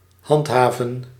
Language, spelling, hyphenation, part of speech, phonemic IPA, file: Dutch, handhaven, hand‧ha‧ven, verb, /ˈɦɑntˌɦaː.və(n)/, Nl-handhaven.ogg
- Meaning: 1. to enforce, to maintain, to uphold 2. to persevere with, to persist with/in 3. to remain in charge, to remain in place